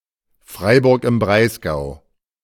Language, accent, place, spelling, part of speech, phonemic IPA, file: German, Germany, Berlin, Freiburg im Breisgau, proper noun, /ˈfʁaɪ̯bʊʁk ɪm ˈbʁaɪ̯sɡaʊ̯/, De-Freiburg im Breisgau.ogg
- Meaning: 1. Freiburg, Freiburg im Breisgau (an independent city in Baden-Württemberg, Germany) 2. one of the four districts of the Grand Duchy of Baden